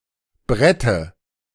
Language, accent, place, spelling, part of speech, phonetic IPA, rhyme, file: German, Germany, Berlin, Brette, noun, [ˈbʁɛtə], -ɛtə, De-Brette.ogg
- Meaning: dative singular of Brett